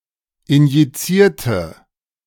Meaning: inflection of injizieren: 1. first/third-person singular preterite 2. first/third-person singular subjunctive II
- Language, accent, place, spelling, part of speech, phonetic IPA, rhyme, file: German, Germany, Berlin, injizierte, adjective / verb, [ɪnjiˈt͡siːɐ̯tə], -iːɐ̯tə, De-injizierte.ogg